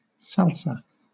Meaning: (noun) 1. A spicy tomato sauce of Mexican origin, often including onions and hot peppers 2. A style of urban music originally from New York heavily influenced by Cuban dance music, jazz and rock
- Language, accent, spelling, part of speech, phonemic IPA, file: English, Southern England, salsa, noun / verb, /ˈsæl.sə/, LL-Q1860 (eng)-salsa.wav